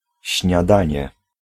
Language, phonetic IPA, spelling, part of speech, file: Polish, [ɕɲaˈdãɲɛ], śniadanie, noun, Pl-śniadanie.ogg